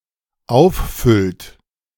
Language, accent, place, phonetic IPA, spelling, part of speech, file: German, Germany, Berlin, [ˈaʊ̯fˌfʏlt], auffüllt, verb, De-auffüllt.ogg
- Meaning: inflection of auffüllen: 1. third-person singular dependent present 2. second-person plural dependent present